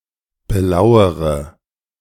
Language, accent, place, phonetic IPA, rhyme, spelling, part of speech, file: German, Germany, Berlin, [bəˈlaʊ̯əʁə], -aʊ̯əʁə, belauere, verb, De-belauere.ogg
- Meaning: inflection of belauern: 1. first-person singular present 2. first/third-person singular subjunctive I 3. singular imperative